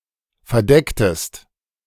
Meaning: inflection of verdecken: 1. second-person singular preterite 2. second-person singular subjunctive II
- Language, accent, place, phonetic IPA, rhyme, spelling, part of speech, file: German, Germany, Berlin, [fɛɐ̯ˈdɛktəst], -ɛktəst, verdecktest, verb, De-verdecktest.ogg